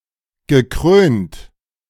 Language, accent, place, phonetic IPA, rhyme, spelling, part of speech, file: German, Germany, Berlin, [ɡəˈkʁøːnt], -øːnt, gekrönt, verb, De-gekrönt.ogg
- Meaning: past participle of krönen